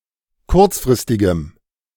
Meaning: strong dative masculine/neuter singular of kurzfristig
- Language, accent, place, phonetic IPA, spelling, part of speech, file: German, Germany, Berlin, [ˈkʊʁt͡sfʁɪstɪɡəm], kurzfristigem, adjective, De-kurzfristigem.ogg